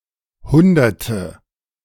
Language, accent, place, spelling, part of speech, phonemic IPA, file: German, Germany, Berlin, Hunderte, noun, /ˈhʊndɐtə/, De-Hunderte.ogg
- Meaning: nominative/accusative/genitive plural of Hundert